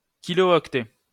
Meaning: abbreviation of kilooctet (“kilobyte”)
- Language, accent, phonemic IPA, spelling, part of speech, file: French, France, /ki.lo.ɔk.tɛ/, ko, noun, LL-Q150 (fra)-ko.wav